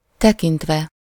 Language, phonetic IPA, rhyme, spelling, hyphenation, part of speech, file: Hungarian, [ˈtɛkintvɛ], -vɛ, tekintve, te‧kint‧ve, verb / adverb, Hu-tekintve.ogg
- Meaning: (verb) adverbial participle of tekint; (adverb) regarding, considering